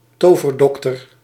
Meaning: witch doctor, magic healer
- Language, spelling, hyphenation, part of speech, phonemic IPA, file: Dutch, toverdokter, to‧ver‧dok‧ter, noun, /ˈtoː.vərˌdɔk.tər/, Nl-toverdokter.ogg